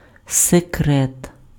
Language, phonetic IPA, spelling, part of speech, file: Ukrainian, [seˈkrɛt], секрет, noun, Uk-секрет.ogg
- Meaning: secret